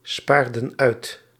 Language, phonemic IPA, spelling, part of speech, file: Dutch, /ˈspardə(n) ˈœyt/, spaarden uit, verb, Nl-spaarden uit.ogg
- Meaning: inflection of uitsparen: 1. plural past indicative 2. plural past subjunctive